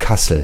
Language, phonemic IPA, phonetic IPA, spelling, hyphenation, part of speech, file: German, /ˈkasəl/, [ˈka.sl̩], Kassel, Kas‧sel, proper noun, De-Kassel.ogg
- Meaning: 1. Kassel (an independent city in northern Hesse, Germany) 2. a rural district of Hesse, surrounding but not including the city of Kassel, which nevertheless serves as its administrative seat